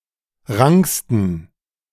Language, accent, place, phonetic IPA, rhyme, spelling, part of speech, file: German, Germany, Berlin, [ˈʁaŋkstn̩], -aŋkstn̩, ranksten, adjective, De-ranksten.ogg
- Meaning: 1. superlative degree of rank 2. inflection of rank: strong genitive masculine/neuter singular superlative degree